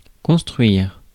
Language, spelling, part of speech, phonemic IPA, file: French, construire, verb, /kɔ̃s.tʁɥiʁ/, Fr-construire.ogg
- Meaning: to build